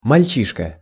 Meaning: 1. urchin, boy 2. greenhorn 3. synonym of парни́шка (parníška, “lad, guy”)
- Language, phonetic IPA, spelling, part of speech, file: Russian, [mɐlʲˈt͡ɕiʂkə], мальчишка, noun, Ru-мальчишка.ogg